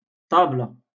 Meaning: table
- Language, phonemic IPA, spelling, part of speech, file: Moroccan Arabic, /tˤaːb.la/, طابلة, noun, LL-Q56426 (ary)-طابلة.wav